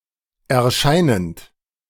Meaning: present participle of erscheinen
- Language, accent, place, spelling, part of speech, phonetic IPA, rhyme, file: German, Germany, Berlin, erscheinend, verb, [ɛɐ̯ˈʃaɪ̯nənt], -aɪ̯nənt, De-erscheinend.ogg